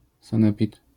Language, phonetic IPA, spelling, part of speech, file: Polish, [sãˈnɛpʲit], sanepid, noun, LL-Q809 (pol)-sanepid.wav